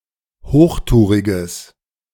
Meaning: strong/mixed nominative/accusative neuter singular of hochtourig
- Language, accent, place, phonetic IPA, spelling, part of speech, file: German, Germany, Berlin, [ˈhoːxˌtuːʁɪɡəs], hochtouriges, adjective, De-hochtouriges.ogg